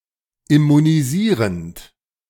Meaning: present participle of immunisieren
- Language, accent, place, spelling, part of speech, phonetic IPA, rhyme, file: German, Germany, Berlin, immunisierend, verb, [ɪmuniˈziːʁənt], -iːʁənt, De-immunisierend.ogg